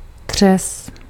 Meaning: sink, kitchen sink
- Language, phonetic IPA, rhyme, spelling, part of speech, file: Czech, [ˈdr̝ɛs], -ɛs, dřez, noun, Cs-dřez.ogg